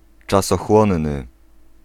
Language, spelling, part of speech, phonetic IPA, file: Polish, czasochłonny, adjective, [ˌt͡ʃasɔˈxwɔ̃nːɨ], Pl-czasochłonny.ogg